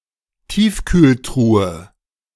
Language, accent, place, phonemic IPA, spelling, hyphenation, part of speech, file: German, Germany, Berlin, /ˈtiːfkyːlˌtʁuːə/, Tiefkühltruhe, Tief‧kühl‧tru‧he, noun, De-Tiefkühltruhe.ogg
- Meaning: chest freezer